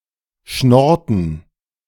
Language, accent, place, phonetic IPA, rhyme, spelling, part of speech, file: German, Germany, Berlin, [ˈʃnɔʁtn̩], -ɔʁtn̩, schnorrten, verb, De-schnorrten.ogg
- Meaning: inflection of schnorren: 1. first/third-person plural preterite 2. first/third-person plural subjunctive II